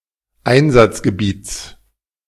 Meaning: genitive singular of Einsatzgebiet
- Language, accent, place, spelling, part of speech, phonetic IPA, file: German, Germany, Berlin, Einsatzgebiets, noun, [ˈaɪ̯nzat͡sɡəˌbiːt͡s], De-Einsatzgebiets.ogg